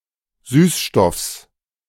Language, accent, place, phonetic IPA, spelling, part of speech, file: German, Germany, Berlin, [ˈsyːsˌʃtɔfs], Süßstoffs, noun, De-Süßstoffs.ogg
- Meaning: genitive singular of Süßstoff